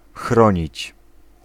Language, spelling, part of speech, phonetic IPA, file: Polish, chronić, verb, [ˈxrɔ̃ɲit͡ɕ], Pl-chronić.ogg